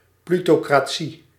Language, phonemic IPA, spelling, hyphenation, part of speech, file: Dutch, /ˌply.toː.kraːˈ(t)si/, plutocratie, plu‧to‧cra‧tie, noun, Nl-plutocratie.ogg
- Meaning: plutocracy